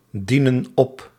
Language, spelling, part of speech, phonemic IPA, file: Dutch, dienen op, verb, /ˈdinə(n) ˈɔp/, Nl-dienen op.ogg
- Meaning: inflection of opdienen: 1. plural present indicative 2. plural present subjunctive